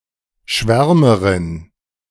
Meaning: female equivalent of Schwärmer: female enthusiast, zealot, extremist, sentimentalist, dreamer, visionary
- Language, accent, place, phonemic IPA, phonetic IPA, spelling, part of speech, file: German, Germany, Berlin, /ˈʃvɛʁməʁɪn/, [ˈʃvɛɐ̯mɐʁɪn], Schwärmerin, noun, De-Schwärmerin.ogg